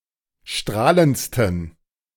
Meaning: 1. superlative degree of strahlend 2. inflection of strahlend: strong genitive masculine/neuter singular superlative degree
- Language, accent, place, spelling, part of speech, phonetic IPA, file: German, Germany, Berlin, strahlendsten, adjective, [ˈʃtʁaːlənt͡stn̩], De-strahlendsten.ogg